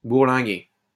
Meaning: 1. to tack against the wind 2. to roam, get about
- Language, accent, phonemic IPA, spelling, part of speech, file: French, France, /buʁ.lɛ̃.ɡe/, bourlinguer, verb, LL-Q150 (fra)-bourlinguer.wav